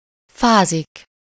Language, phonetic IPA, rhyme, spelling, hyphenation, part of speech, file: Hungarian, [ˈfaːzik], -aːzik, fázik, fá‧zik, verb, Hu-fázik.ogg
- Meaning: to be cold, to feel cold, to feel chilly